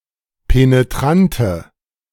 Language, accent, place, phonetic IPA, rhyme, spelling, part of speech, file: German, Germany, Berlin, [peneˈtʁantə], -antə, penetrante, adjective, De-penetrante.ogg
- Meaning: inflection of penetrant: 1. strong/mixed nominative/accusative feminine singular 2. strong nominative/accusative plural 3. weak nominative all-gender singular